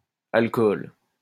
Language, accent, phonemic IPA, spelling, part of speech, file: French, France, /al.kɔl/, alcohol, noun, LL-Q150 (fra)-alcohol.wav
- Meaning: alternative spelling of alcool